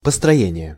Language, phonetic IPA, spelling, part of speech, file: Russian, [pəstrɐˈjenʲɪje], построение, noun, Ru-построение.ogg
- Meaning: 1. construction, building (process of constructing) 2. plotting 3. structure 4. scheme, construct, reasoning